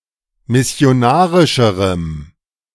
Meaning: strong dative masculine/neuter singular comparative degree of missionarisch
- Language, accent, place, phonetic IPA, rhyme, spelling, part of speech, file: German, Germany, Berlin, [mɪsi̯oˈnaːʁɪʃəʁəm], -aːʁɪʃəʁəm, missionarischerem, adjective, De-missionarischerem.ogg